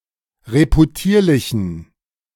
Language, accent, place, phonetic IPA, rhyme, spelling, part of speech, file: German, Germany, Berlin, [ʁepuˈtiːɐ̯lɪçn̩], -iːɐ̯lɪçn̩, reputierlichen, adjective, De-reputierlichen.ogg
- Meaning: inflection of reputierlich: 1. strong genitive masculine/neuter singular 2. weak/mixed genitive/dative all-gender singular 3. strong/weak/mixed accusative masculine singular 4. strong dative plural